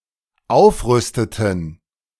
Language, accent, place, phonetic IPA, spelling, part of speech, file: German, Germany, Berlin, [ˈaʊ̯fˌʁʏstətn̩], aufrüsteten, verb, De-aufrüsteten.ogg
- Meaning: inflection of aufrüsten: 1. first/third-person plural dependent preterite 2. first/third-person plural dependent subjunctive II